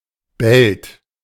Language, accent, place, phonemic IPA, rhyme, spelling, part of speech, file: German, Germany, Berlin, /bɛlt/, -ɛlt, Belt, noun, De-Belt.ogg
- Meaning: strait